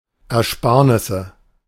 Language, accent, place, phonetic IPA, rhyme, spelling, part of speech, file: German, Germany, Berlin, [ɛɐ̯ˈʃpaːɐ̯nɪsə], -aːɐ̯nɪsə, Ersparnisse, noun, De-Ersparnisse.ogg
- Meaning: 1. nominative plural of Ersparnis 2. genitive plural of Ersparnis 3. accusative plural of Ersparnis